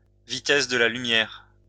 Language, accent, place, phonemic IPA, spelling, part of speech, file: French, France, Lyon, /vi.tɛs də la ly.mjɛʁ/, vitesse de la lumière, noun, LL-Q150 (fra)-vitesse de la lumière.wav
- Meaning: speed of light (the speed of electromagnetic radiation in a vacuum or in a substance)